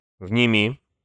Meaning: second-person singular imperative perfective of внять (vnjatʹ)
- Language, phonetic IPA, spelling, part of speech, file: Russian, [vnʲɪˈmʲi], вними, verb, Ru-вними.ogg